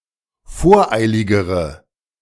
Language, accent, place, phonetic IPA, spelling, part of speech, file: German, Germany, Berlin, [ˈfoːɐ̯ˌʔaɪ̯lɪɡəʁə], voreiligere, adjective, De-voreiligere.ogg
- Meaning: inflection of voreilig: 1. strong/mixed nominative/accusative feminine singular comparative degree 2. strong nominative/accusative plural comparative degree